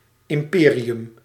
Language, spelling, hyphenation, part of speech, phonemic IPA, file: Dutch, imperium, im‧pe‧ri‧um, noun, /ˌɪmˈpeː.ri.ʏm/, Nl-imperium.ogg
- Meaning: 1. empire 2. business empire